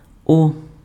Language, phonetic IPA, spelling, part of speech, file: Ukrainian, [ɔ], о, character / noun / preposition, Uk-о.ogg
- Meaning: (character) The nineteenth letter of the Ukrainian alphabet, called о (o) and written in the Cyrillic script; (noun) The name of the Cyrillic script letter О